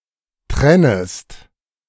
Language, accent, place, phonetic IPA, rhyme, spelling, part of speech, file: German, Germany, Berlin, [ˈtʁɛnəst], -ɛnəst, trennest, verb, De-trennest.ogg
- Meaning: second-person singular subjunctive I of trennen